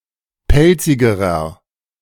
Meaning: inflection of pelzig: 1. strong/mixed nominative masculine singular comparative degree 2. strong genitive/dative feminine singular comparative degree 3. strong genitive plural comparative degree
- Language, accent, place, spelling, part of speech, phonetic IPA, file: German, Germany, Berlin, pelzigerer, adjective, [ˈpɛlt͡sɪɡəʁɐ], De-pelzigerer.ogg